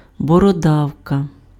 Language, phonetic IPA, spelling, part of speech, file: Ukrainian, [bɔˈrɔdɐu̯kɐ], бородавка, noun, Uk-бородавка.ogg
- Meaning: wart (type of growth occurring on the skin)